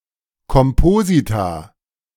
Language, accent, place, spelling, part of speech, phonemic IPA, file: German, Germany, Berlin, Komposita, noun, /kɔmˈpoːzita/, De-Komposita.ogg
- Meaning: plural of Kompositum